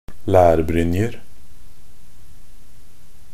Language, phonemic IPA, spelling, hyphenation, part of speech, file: Norwegian Bokmål, /læːrbrʏnjə/, lærbrynjer, lær‧bryn‧jer, noun, Nb-lærbrynjer.ogg
- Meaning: indefinite plural of lærbrynje